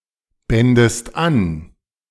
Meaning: second-person singular subjunctive II of anbinden
- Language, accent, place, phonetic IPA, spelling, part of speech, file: German, Germany, Berlin, [ˌbɛndəst ˈan], bändest an, verb, De-bändest an.ogg